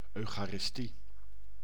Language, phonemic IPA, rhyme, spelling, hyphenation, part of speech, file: Dutch, /ˌœy̯.xaː.rɪsˈti/, -i, eucharistie, eu‧cha‧ris‧tie, noun, Nl-eucharistie.ogg
- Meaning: Eucharist (sacrament)